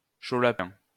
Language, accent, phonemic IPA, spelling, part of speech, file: French, France, /ʃo la.pɛ̃/, chaud lapin, noun, LL-Q150 (fra)-chaud lapin.wav
- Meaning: salty dog, horndog, man bent on sex, randy man